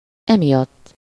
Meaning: for this reason, because of this, this is the reason why
- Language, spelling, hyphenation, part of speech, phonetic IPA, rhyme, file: Hungarian, emiatt, emi‧att, adverb, [ˈɛmijɒtː], -ɒtː, Hu-emiatt.ogg